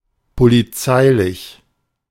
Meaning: of the police, by the police
- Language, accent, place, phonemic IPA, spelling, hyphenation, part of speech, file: German, Germany, Berlin, /poliˈt͡saɪ̯lɪç/, polizeilich, po‧li‧zei‧lich, adjective, De-polizeilich.ogg